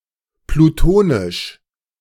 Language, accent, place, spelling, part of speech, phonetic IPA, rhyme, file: German, Germany, Berlin, plutonisch, adjective, [pluˈtoːnɪʃ], -oːnɪʃ, De-plutonisch.ogg
- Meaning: plutonic (igneous rock that cooled and hardened below the surface of the Earth)